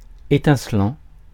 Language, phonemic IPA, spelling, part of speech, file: French, /e.tɛ̃.slɑ̃/, étincelant, verb / adjective, Fr-étincelant.ogg
- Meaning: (verb) present participle of étinceler; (adjective) 1. sparkling 2. scintillating